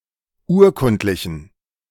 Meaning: inflection of urkundlich: 1. strong genitive masculine/neuter singular 2. weak/mixed genitive/dative all-gender singular 3. strong/weak/mixed accusative masculine singular 4. strong dative plural
- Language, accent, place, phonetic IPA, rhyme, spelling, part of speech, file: German, Germany, Berlin, [ˈuːɐ̯ˌkʊntlɪçn̩], -uːɐ̯kʊntlɪçn̩, urkundlichen, adjective, De-urkundlichen.ogg